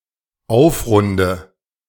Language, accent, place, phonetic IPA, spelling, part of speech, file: German, Germany, Berlin, [ˈaʊ̯fˌʁʊndə], aufrunde, verb, De-aufrunde.ogg
- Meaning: inflection of aufrunden: 1. first-person singular dependent present 2. first/third-person singular dependent subjunctive I